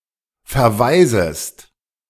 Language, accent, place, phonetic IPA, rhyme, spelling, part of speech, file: German, Germany, Berlin, [fɛɐ̯ˈvaɪ̯zəst], -aɪ̯zəst, verwaisest, verb, De-verwaisest.ogg
- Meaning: second-person singular subjunctive I of verwaisen